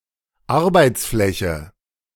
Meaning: 1. worksurface, worktop 2. workspace
- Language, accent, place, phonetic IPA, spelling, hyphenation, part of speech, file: German, Germany, Berlin, [ˈaʁbaɪ̯tsˌʔˈflɛçə], Arbeitsfläche, Ar‧beits‧flä‧che, noun, De-Arbeitsfläche.ogg